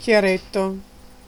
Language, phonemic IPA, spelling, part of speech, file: Italian, /kjaˈretto/, chiaretto, noun, It-chiaretto.ogg